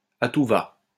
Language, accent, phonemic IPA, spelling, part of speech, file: French, France, /a tu.va/, à tout-va, adjective / adverb, LL-Q150 (fra)-à tout-va.wav
- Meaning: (adjective) excessive, immoderate, imprudent; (adverb) without limitation, excessively; left and right, like crazy